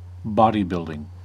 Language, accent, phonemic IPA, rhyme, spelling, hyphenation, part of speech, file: English, US, /ˈbɑ.diˌbɪl.dɪŋ/, -ɪldɪŋ, bodybuilding, bo‧dy‧build‧ing, noun, En-us-bodybuilding.ogg
- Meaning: 1. A sport in which the aesthetics of muscular development is the basis for competition 2. Work done to construct or repair the body of an automobile